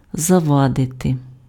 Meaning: to hinder, to obstruct, to impede, to hamper [with dative] (be an obstacle to)
- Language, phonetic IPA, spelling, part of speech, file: Ukrainian, [zɐˈʋadete], завадити, verb, Uk-завадити.ogg